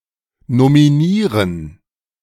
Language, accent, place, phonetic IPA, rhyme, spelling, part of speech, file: German, Germany, Berlin, [nomiˈniːʁən], -iːʁən, nominieren, verb, De-nominieren.ogg
- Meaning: to nominate